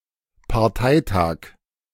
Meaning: party conference (political convention)
- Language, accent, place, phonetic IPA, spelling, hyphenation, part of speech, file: German, Germany, Berlin, [paʁˈtaɪ̯ˌtaːk], Parteitag, Par‧tei‧tag, noun, De-Parteitag.ogg